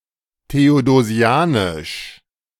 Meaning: Theodosian
- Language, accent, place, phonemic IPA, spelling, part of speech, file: German, Germany, Berlin, /teodoˈzi̯aːnɪʃ/, theodosianisch, adjective, De-theodosianisch.ogg